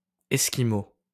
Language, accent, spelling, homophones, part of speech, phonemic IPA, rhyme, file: French, France, esquimau, esquimaux, adjective / noun, /ɛs.ki.mo/, -o, LL-Q150 (fra)-esquimau.wav
- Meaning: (adjective) Eskimo; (noun) 1. Inuit (language of the Eskimo) 2. snowsuit 3. popsicle